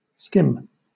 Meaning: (verb) 1. To pass lightly; to glide along in an even, smooth course; to glide along near the surface 2. To pass near the surface of; to brush the surface of; to glide swiftly along the surface of
- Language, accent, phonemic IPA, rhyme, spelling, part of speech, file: English, Southern England, /skɪm/, -ɪm, skim, verb / adjective / noun, LL-Q1860 (eng)-skim.wav